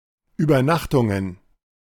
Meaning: plural of Übernachtung
- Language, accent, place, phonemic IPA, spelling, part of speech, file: German, Germany, Berlin, /ˌʔyːbɐˈnaxtʊŋən/, Übernachtungen, noun, De-Übernachtungen.ogg